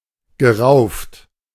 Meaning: past participle of raufen
- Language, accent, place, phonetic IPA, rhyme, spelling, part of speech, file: German, Germany, Berlin, [ɡəˈʁaʊ̯ft], -aʊ̯ft, gerauft, verb, De-gerauft.ogg